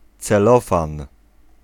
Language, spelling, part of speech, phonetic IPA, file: Polish, celofan, noun, [t͡sɛˈlɔfãn], Pl-celofan.ogg